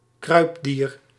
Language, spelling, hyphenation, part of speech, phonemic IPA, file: Dutch, kruipdier, kruip‧dier, noun, /ˈkrœy̯p.diːr/, Nl-kruipdier.ogg
- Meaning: 1. a creepy-crawly, a bug 2. any crawling animal 3. a reptile, any member of the class Reptilia